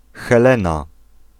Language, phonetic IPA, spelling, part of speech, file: Polish, [xɛˈlɛ̃na], Helena, proper noun, Pl-Helena.ogg